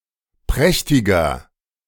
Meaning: 1. comparative degree of prächtig 2. inflection of prächtig: strong/mixed nominative masculine singular 3. inflection of prächtig: strong genitive/dative feminine singular
- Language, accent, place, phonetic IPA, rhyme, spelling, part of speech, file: German, Germany, Berlin, [ˈpʁɛçtɪɡɐ], -ɛçtɪɡɐ, prächtiger, adjective, De-prächtiger.ogg